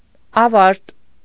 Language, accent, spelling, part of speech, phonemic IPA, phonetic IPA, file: Armenian, Eastern Armenian, ավարտ, noun, /ɑˈvɑɾt/, [ɑvɑ́ɾt], Hy-ավարտ.ogg
- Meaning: finish, termination, end